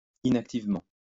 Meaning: inactively (with little or no activity)
- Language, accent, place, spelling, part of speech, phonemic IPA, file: French, France, Lyon, inactivement, adverb, /i.nak.tiv.mɑ̃/, LL-Q150 (fra)-inactivement.wav